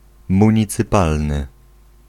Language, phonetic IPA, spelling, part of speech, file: Polish, [ˌmũɲit͡sɨˈpalnɨ], municypalny, adjective, Pl-municypalny.ogg